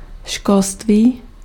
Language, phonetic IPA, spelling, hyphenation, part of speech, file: Czech, [ˈʃkolstviː], školství, škol‧ství, noun, Cs-školství.ogg
- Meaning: education